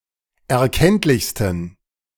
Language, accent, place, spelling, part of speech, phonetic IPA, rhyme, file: German, Germany, Berlin, erkenntlichsten, adjective, [ɛɐ̯ˈkɛntlɪçstn̩], -ɛntlɪçstn̩, De-erkenntlichsten.ogg
- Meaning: 1. superlative degree of erkenntlich 2. inflection of erkenntlich: strong genitive masculine/neuter singular superlative degree